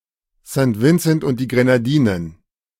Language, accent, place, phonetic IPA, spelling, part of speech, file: German, Germany, Berlin, [sn̩t ˈvɪnsn̩t ʔʊnt diː ˌɡʁenaˈdiːnən], St. Vincent und die Grenadinen, phrase, De-St. Vincent und die Grenadinen.ogg
- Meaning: Saint Vincent and the Grenadines (an archipelago and country in the Caribbean, comprising the islands of Saint Vincent and the island chain of the Grenadines)